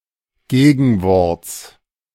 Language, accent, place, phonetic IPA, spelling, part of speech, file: German, Germany, Berlin, [ˈɡeːɡn̩ˌvɔʁt͡s], Gegenworts, noun, De-Gegenworts.ogg
- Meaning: genitive singular of Gegenwort